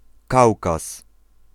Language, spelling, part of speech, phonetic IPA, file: Polish, Kaukaz, proper noun, [ˈkawkas], Pl-Kaukaz.ogg